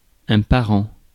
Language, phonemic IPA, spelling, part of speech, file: French, /pa.ʁɑ̃/, parent, noun / adjective, Fr-parent.ogg
- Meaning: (noun) 1. relative, relation, family member 2. parent 3. ancestors 4. parents; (adjective) 1. related 2. similar